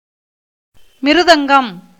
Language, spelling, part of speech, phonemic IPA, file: Tamil, மிருதங்கம், noun, /mɪɾʊd̪ɐŋɡɐm/, Ta-மிருதங்கம்.ogg
- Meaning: 1. mridangam, a kind of drum 2. noise 3. bamboo